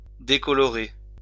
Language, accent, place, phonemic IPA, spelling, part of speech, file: French, France, Lyon, /de.kɔ.lɔ.ʁe/, décolorer, verb, LL-Q150 (fra)-décolorer.wav
- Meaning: 1. to discolour, fade 2. to bleach